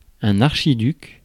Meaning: archduke (high nobiliary title)
- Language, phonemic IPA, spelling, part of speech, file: French, /aʁ.ʃi.dyk/, archiduc, noun, Fr-archiduc.ogg